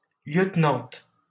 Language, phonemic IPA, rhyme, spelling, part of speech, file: French, /ljøt.nɑ̃t/, -ɑ̃t, lieutenante, noun, LL-Q150 (fra)-lieutenante.wav
- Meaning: female equivalent of lieutenant